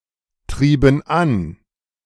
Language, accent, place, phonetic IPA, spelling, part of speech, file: German, Germany, Berlin, [ˌtʁiːbn̩ ˈan], trieben an, verb, De-trieben an.ogg
- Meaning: inflection of antreiben: 1. first/third-person plural preterite 2. first/third-person plural subjunctive II